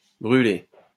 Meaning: post-1990 spelling of brûler
- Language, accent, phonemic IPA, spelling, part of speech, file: French, France, /bʁy.le/, bruler, verb, LL-Q150 (fra)-bruler.wav